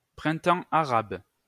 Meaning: Arab Spring
- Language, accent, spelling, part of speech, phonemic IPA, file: French, France, Printemps arabe, proper noun, /pʁɛ̃.tɑ̃ a.ʁab/, LL-Q150 (fra)-Printemps arabe.wav